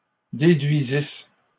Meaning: third-person plural imperfect subjunctive of déduire
- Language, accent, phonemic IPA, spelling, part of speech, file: French, Canada, /de.dɥi.zis/, déduisissent, verb, LL-Q150 (fra)-déduisissent.wav